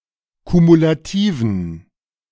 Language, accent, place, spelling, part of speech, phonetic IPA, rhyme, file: German, Germany, Berlin, kumulativen, adjective, [kumulaˈtiːvn̩], -iːvn̩, De-kumulativen.ogg
- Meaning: inflection of kumulativ: 1. strong genitive masculine/neuter singular 2. weak/mixed genitive/dative all-gender singular 3. strong/weak/mixed accusative masculine singular 4. strong dative plural